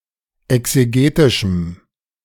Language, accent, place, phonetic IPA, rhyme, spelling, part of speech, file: German, Germany, Berlin, [ɛkseˈɡeːtɪʃm̩], -eːtɪʃm̩, exegetischem, adjective, De-exegetischem.ogg
- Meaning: strong dative masculine/neuter singular of exegetisch